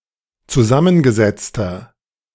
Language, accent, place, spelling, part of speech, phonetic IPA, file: German, Germany, Berlin, zusammengesetzter, adjective, [t͡suˈzamənɡəˌzɛt͡stɐ], De-zusammengesetzter.ogg
- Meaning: inflection of zusammengesetzt: 1. strong/mixed nominative masculine singular 2. strong genitive/dative feminine singular 3. strong genitive plural